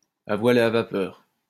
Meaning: AC/DC (bisexual)
- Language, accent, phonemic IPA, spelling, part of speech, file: French, France, /a vwa.l‿e a va.pœʁ/, à voile et à vapeur, adjective, LL-Q150 (fra)-à voile et à vapeur.wav